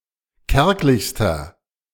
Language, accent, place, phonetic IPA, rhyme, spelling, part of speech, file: German, Germany, Berlin, [ˈkɛʁklɪçstɐ], -ɛʁklɪçstɐ, kärglichster, adjective, De-kärglichster.ogg
- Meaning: inflection of kärglich: 1. strong/mixed nominative masculine singular superlative degree 2. strong genitive/dative feminine singular superlative degree 3. strong genitive plural superlative degree